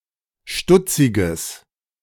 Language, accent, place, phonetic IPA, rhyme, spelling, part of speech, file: German, Germany, Berlin, [ˈʃtʊt͡sɪɡəs], -ʊt͡sɪɡəs, stutziges, adjective, De-stutziges.ogg
- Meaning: strong/mixed nominative/accusative neuter singular of stutzig